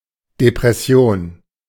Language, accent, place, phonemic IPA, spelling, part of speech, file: German, Germany, Berlin, /depʁɛˈsi̯oːn/, Depression, noun, De-Depression.ogg
- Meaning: depression